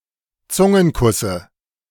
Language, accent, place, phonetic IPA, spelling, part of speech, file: German, Germany, Berlin, [ˈt͡sʊŋənˌkʊsə], Zungenkusse, noun, De-Zungenkusse.ogg
- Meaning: dative of Zungenkuss